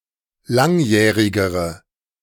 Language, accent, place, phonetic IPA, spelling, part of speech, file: German, Germany, Berlin, [ˈlaŋˌjɛːʁɪɡəʁə], langjährigere, adjective, De-langjährigere.ogg
- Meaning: inflection of langjährig: 1. strong/mixed nominative/accusative feminine singular comparative degree 2. strong nominative/accusative plural comparative degree